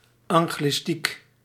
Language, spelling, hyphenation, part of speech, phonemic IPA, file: Dutch, anglistiek, an‧glis‧tiek, noun, /ˌɑŋ.ɣlɪˈstik/, Nl-anglistiek.ogg
- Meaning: English studies